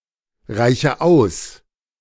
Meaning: inflection of ausreichen: 1. first-person singular present 2. first/third-person singular subjunctive I 3. singular imperative
- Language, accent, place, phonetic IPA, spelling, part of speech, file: German, Germany, Berlin, [ˌʁaɪ̯çə ˈaʊ̯s], reiche aus, verb, De-reiche aus.ogg